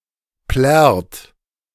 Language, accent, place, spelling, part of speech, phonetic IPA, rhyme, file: German, Germany, Berlin, plärrt, verb, [plɛʁt], -ɛʁt, De-plärrt.ogg
- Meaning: inflection of plärren: 1. second-person plural present 2. third-person singular present 3. plural imperative